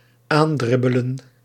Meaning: to jog near
- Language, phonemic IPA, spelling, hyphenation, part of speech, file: Dutch, /ˈaːnˌdrɪ.bə.lə(n)/, aandribbelen, aan‧drib‧be‧len, verb, Nl-aandribbelen.ogg